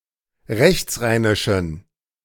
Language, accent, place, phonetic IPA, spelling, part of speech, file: German, Germany, Berlin, [ˈʁɛçt͡sˌʁaɪ̯nɪʃn̩], rechtsrheinischen, adjective, De-rechtsrheinischen.ogg
- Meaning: inflection of rechtsrheinisch: 1. strong genitive masculine/neuter singular 2. weak/mixed genitive/dative all-gender singular 3. strong/weak/mixed accusative masculine singular 4. strong dative plural